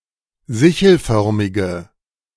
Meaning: inflection of sichelförmig: 1. strong/mixed nominative/accusative feminine singular 2. strong nominative/accusative plural 3. weak nominative all-gender singular
- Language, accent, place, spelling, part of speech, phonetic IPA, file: German, Germany, Berlin, sichelförmige, adjective, [ˈzɪçl̩ˌfœʁmɪɡə], De-sichelförmige.ogg